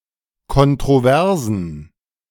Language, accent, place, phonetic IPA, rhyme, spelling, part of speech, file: German, Germany, Berlin, [kɔntʁoˈvɛʁzn̩], -ɛʁzn̩, kontroversen, adjective, De-kontroversen.ogg
- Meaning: inflection of kontrovers: 1. strong genitive masculine/neuter singular 2. weak/mixed genitive/dative all-gender singular 3. strong/weak/mixed accusative masculine singular 4. strong dative plural